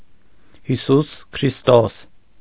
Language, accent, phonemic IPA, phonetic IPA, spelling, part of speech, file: Armenian, Eastern Armenian, /hiˈsus kʰɾisˈtos/, [hisús kʰɾistós], Հիսուս Քրիստոս, proper noun, Hy-Հիսուս Քրիստոս.ogg
- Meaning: Jesus Christ